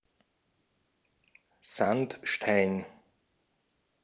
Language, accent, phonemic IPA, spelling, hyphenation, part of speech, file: German, Austria, /ˈzantˌʃtaɪn/, Sandstein, Sand‧stein, noun, De-at-Sandstein.ogg
- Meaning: sandstone